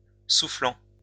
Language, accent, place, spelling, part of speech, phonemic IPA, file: French, France, Lyon, soufflant, verb / adjective, /su.flɑ̃/, LL-Q150 (fra)-soufflant.wav
- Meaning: present participle of souffler